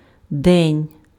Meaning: day
- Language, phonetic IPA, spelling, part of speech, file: Ukrainian, [dɛnʲ], день, noun, Uk-день.ogg